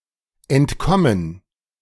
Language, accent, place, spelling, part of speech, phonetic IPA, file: German, Germany, Berlin, entkommen, verb, [ʔɛntˈkɔmən], De-entkommen.ogg
- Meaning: to escape